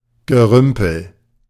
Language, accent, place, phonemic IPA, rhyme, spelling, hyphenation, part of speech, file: German, Germany, Berlin, /ɡəˈʁʏmpl̩/, -ʏmpl̩, Gerümpel, Ge‧rüm‧pel, noun, De-Gerümpel.ogg
- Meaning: junk, litter, trash, rubbish